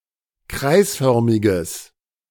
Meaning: strong/mixed nominative/accusative neuter singular of kreisförmig
- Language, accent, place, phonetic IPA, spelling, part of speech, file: German, Germany, Berlin, [ˈkʁaɪ̯sˌfœʁmɪɡəs], kreisförmiges, adjective, De-kreisförmiges.ogg